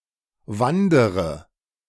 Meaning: inflection of wandern: 1. first-person singular present 2. first/third-person singular subjunctive I 3. singular imperative
- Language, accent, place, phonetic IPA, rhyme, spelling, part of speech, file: German, Germany, Berlin, [ˈvandəʁə], -andəʁə, wandere, verb, De-wandere.ogg